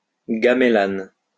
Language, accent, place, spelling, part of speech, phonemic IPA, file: French, France, Lyon, gamelan, noun, /ɡam.lan/, LL-Q150 (fra)-gamelan.wav
- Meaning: gamelan